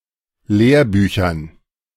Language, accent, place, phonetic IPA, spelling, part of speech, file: German, Germany, Berlin, [ˈleːɐ̯ˌbyːçɐn], Lehrbüchern, noun, De-Lehrbüchern.ogg
- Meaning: dative plural of Lehrbuch